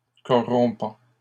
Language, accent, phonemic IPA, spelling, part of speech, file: French, Canada, /kɔ.ʁɔ̃.pɑ̃/, corrompant, verb, LL-Q150 (fra)-corrompant.wav
- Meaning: present participle of corrompre